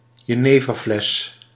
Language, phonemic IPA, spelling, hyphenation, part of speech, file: Dutch, /jəˈneː.vərˌflɛs/, jeneverfles, je‧ne‧ver‧fles, noun, Nl-jeneverfles.ogg
- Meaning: jenever bottle